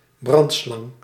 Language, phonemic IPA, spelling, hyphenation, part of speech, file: Dutch, /ˈbrɑnt.slɑŋ/, brandslang, brand‧slang, noun, Nl-brandslang.ogg
- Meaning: fire hose